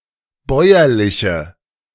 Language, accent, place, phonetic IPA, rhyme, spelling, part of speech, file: German, Germany, Berlin, [ˈbɔɪ̯ɐlɪçə], -ɔɪ̯ɐlɪçə, bäuerliche, adjective, De-bäuerliche.ogg
- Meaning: inflection of bäuerlich: 1. strong/mixed nominative/accusative feminine singular 2. strong nominative/accusative plural 3. weak nominative all-gender singular